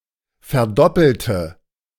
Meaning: inflection of verdoppeln: 1. first/third-person singular preterite 2. first/third-person singular subjunctive II
- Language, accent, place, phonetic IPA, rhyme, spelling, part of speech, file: German, Germany, Berlin, [fɛɐ̯ˈdɔpl̩tə], -ɔpl̩tə, verdoppelte, adjective / verb, De-verdoppelte.ogg